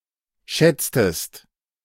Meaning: inflection of schätzen: 1. second-person singular preterite 2. second-person singular subjunctive II
- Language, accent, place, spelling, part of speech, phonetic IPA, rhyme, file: German, Germany, Berlin, schätztest, verb, [ˈʃɛt͡stəst], -ɛt͡stəst, De-schätztest.ogg